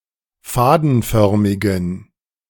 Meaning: inflection of fadenförmig: 1. strong genitive masculine/neuter singular 2. weak/mixed genitive/dative all-gender singular 3. strong/weak/mixed accusative masculine singular 4. strong dative plural
- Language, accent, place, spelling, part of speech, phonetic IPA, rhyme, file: German, Germany, Berlin, fadenförmigen, adjective, [ˈfaːdn̩ˌfœʁmɪɡn̩], -aːdn̩fœʁmɪɡn̩, De-fadenförmigen.ogg